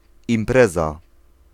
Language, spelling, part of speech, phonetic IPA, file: Polish, impreza, noun, [ĩmˈprɛza], Pl-impreza.ogg